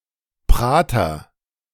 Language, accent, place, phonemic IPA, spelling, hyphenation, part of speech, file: German, Germany, Berlin, /ˈpʁaːtɐ/, Prater, Pra‧ter, proper noun, De-Prater.ogg
- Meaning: 1. Prater (large public park in Vienna) 2. ellipsis of Wurstelprater